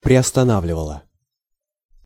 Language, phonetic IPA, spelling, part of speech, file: Russian, [prʲɪəstɐˈnavlʲɪvəɫə], приостанавливала, verb, Ru-приостанавливала.ogg
- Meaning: feminine singular past indicative imperfective of приостана́вливать (priostanávlivatʹ)